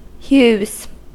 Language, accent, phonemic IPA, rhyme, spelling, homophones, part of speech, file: English, US, /hjuːz/, -uːz, hues, hews, noun, En-us-hues.ogg
- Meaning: plural of hue